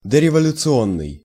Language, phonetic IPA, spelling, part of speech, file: Russian, [dərʲɪvəlʲʊt͡sɨˈonːɨj], дореволюционный, adjective, Ru-дореволюционный.ogg
- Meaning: 1. prerevolutionary 2. specifically, before the October Revolution